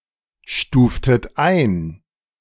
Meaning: inflection of einstufen: 1. second-person plural preterite 2. second-person plural subjunctive II
- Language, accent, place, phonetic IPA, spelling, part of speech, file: German, Germany, Berlin, [ˌʃtuːftət ˈaɪ̯n], stuftet ein, verb, De-stuftet ein.ogg